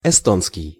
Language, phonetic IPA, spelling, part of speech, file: Russian, [ɪˈstonskʲɪj], эстонский, adjective / noun, Ru-эстонский.ogg
- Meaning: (adjective) Estonian (relating to Estonia, its people or their language); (noun) Estonian language